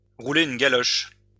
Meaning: to French kiss (kiss someone while inserting one’s tongue into their mouth)
- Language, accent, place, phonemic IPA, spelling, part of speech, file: French, France, Lyon, /ʁu.le yn ɡa.lɔʃ/, rouler une galoche, verb, LL-Q150 (fra)-rouler une galoche.wav